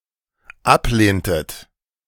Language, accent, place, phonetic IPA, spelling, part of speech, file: German, Germany, Berlin, [ˈapˌleːntət], ablehntet, verb, De-ablehntet.ogg
- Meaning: inflection of ablehnen: 1. second-person plural dependent preterite 2. second-person plural dependent subjunctive II